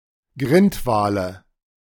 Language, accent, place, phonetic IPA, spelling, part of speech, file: German, Germany, Berlin, [ˈɡʁɪntˌvaːlə], Grindwale, noun, De-Grindwale.ogg
- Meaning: nominative/accusative/genitive plural of Grindwal